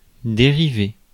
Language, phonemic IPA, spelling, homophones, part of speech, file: French, /de.ʁi.ve/, dériver, dérivai / dérivé / dérivée / dérivées / dérivés / dérivez, verb, Fr-dériver.ogg
- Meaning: 1. to derive (originate from) 2. to drift 3. to derive 4. to redirect, to divert 5. to shunt 6. to unrivet